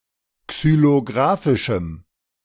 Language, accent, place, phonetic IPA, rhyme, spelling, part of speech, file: German, Germany, Berlin, [ksyloˈɡʁaːfɪʃm̩], -aːfɪʃm̩, xylografischem, adjective, De-xylografischem.ogg
- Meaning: strong dative masculine/neuter singular of xylografisch